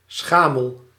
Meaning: 1. poor, impoverished 2. insignificant, pitiable, paltry
- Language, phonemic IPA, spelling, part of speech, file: Dutch, /ˈsxaməl/, schamel, adjective / noun, Nl-schamel.ogg